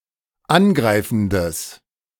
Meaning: strong/mixed nominative/accusative neuter singular of angreifend
- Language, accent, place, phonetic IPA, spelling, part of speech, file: German, Germany, Berlin, [ˈanˌɡʁaɪ̯fn̩dəs], angreifendes, adjective, De-angreifendes.ogg